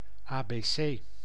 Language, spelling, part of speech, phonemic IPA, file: Dutch, abc, noun, /aː.beːˈseː/, Nl-abc.ogg
- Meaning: alphabet